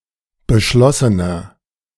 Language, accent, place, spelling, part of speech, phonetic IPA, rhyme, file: German, Germany, Berlin, beschlossener, adjective, [bəˈʃlɔsənɐ], -ɔsənɐ, De-beschlossener.ogg
- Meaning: inflection of beschlossen: 1. strong/mixed nominative masculine singular 2. strong genitive/dative feminine singular 3. strong genitive plural